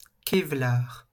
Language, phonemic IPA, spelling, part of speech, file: French, /ke.vlaʁ/, kevlar, noun, LL-Q150 (fra)-kevlar.wav
- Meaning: Kevlar